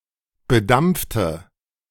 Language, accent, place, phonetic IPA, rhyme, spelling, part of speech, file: German, Germany, Berlin, [bəˈdamp͡ftə], -amp͡ftə, bedampfte, adjective / verb, De-bedampfte.ogg
- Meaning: inflection of bedampft: 1. strong/mixed nominative/accusative feminine singular 2. strong nominative/accusative plural 3. weak nominative all-gender singular